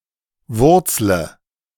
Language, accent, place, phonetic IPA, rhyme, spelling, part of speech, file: German, Germany, Berlin, [ˈvʊʁt͡slə], -ʊʁt͡slə, wurzle, verb, De-wurzle.ogg
- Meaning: inflection of wurzeln: 1. first-person singular present 2. first/third-person singular subjunctive I 3. singular imperative